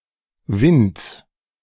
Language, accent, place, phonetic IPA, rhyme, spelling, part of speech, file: German, Germany, Berlin, [vɪnt͡s], -ɪnt͡s, Winds, noun, De-Winds.ogg
- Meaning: genitive singular of Wind